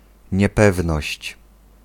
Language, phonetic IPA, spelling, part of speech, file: Polish, [ɲɛˈpɛvnɔɕt͡ɕ], niepewność, noun, Pl-niepewność.ogg